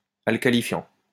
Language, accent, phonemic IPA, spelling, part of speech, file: French, France, /al.ka.li.fjɑ̃/, alcalifiant, verb / adjective, LL-Q150 (fra)-alcalifiant.wav
- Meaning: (verb) present participle of alcalifier; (adjective) alkalifying